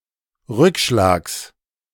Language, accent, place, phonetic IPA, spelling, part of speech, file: German, Germany, Berlin, [ˈʁʏkˌʃlaːks], Rückschlags, noun, De-Rückschlags.ogg
- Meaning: genitive singular of Rückschlag